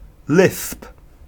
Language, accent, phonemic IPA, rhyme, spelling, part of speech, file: English, UK, /lɪθp/, -ɪθp, lithp, noun, En-uk-lithp.ogg
- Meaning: Pronunciation spelling of lisp, representing lisped English